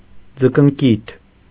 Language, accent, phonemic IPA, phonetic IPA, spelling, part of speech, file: Armenian, Eastern Armenian, /d͡zəkənˈkitʰ/, [d͡zəkəŋkítʰ], ձկնկիթ, noun, Hy-ձկնկիթ.ogg
- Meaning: caviar, spawn, roe